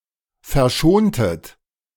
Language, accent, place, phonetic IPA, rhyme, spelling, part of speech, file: German, Germany, Berlin, [fɛɐ̯ˈʃoːntət], -oːntət, verschontet, verb, De-verschontet.ogg
- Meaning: inflection of verschonen: 1. second-person plural preterite 2. second-person plural subjunctive II